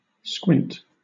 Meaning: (verb) 1. To look with the eyes partly closed, as in bright sunlight, or as a threatening expression 2. To look or glance sideways
- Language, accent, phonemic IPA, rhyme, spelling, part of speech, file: English, Southern England, /skwɪnt/, -ɪnt, squint, verb / noun / adjective, LL-Q1860 (eng)-squint.wav